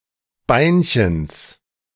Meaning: genitive of Beinchen
- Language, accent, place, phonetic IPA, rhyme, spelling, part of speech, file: German, Germany, Berlin, [ˈbaɪ̯nçəns], -aɪ̯nçəns, Beinchens, noun, De-Beinchens.ogg